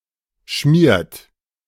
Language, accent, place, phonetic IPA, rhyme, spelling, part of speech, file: German, Germany, Berlin, [ʃmiːɐ̯t], -iːɐ̯t, schmiert, verb, De-schmiert.ogg
- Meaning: inflection of schmieren: 1. third-person singular present 2. second-person plural present 3. plural imperative